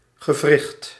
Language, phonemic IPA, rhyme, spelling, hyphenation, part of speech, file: Dutch, /ɣəˈvrɪxt/, -ɪxt, gewricht, ge‧wricht, noun, Nl-gewricht.ogg
- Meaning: joint (part of the body where bones join)